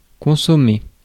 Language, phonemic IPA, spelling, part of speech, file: French, /kɔ̃.sɔ.me/, consommer, verb, Fr-consommer.ogg
- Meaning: 1. to consume; to ingest 2. to consummate; to complete; to fulfil